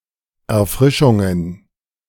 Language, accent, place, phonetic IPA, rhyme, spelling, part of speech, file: German, Germany, Berlin, [ɛɐ̯ˈfʁɪʃʊŋən], -ɪʃʊŋən, Erfrischungen, noun, De-Erfrischungen.ogg
- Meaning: plural of Erfrischung